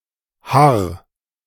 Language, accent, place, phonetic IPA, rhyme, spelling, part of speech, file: German, Germany, Berlin, [haʁ], -aʁ, harr, verb, De-harr.ogg
- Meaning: singular imperative of harren